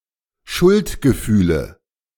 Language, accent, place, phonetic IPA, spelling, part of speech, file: German, Germany, Berlin, [ˈʃʊltɡəˌfyːlə], Schuldgefühle, noun, De-Schuldgefühle.ogg
- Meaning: 1. nominative/accusative/genitive plural of Schuldgefühl 2. dative of Schuldgefühl